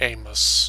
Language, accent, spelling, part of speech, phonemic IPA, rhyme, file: English, US, Amos, proper noun, /ˈeɪ.məs/, -eɪməs, En-us-Amos.oga
- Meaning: 1. A male given name from Hebrew 2. A book of the Old Testament and the Hebrew Tanakh 3. A prophet, author of the book of Amos 4. A surname